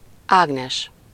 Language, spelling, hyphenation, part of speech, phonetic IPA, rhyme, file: Hungarian, Ágnes, Ág‧nes, proper noun, [ˈaːɡnɛʃ], -ɛʃ, Hu-Ágnes.ogg
- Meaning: a female given name, equivalent to English Agnes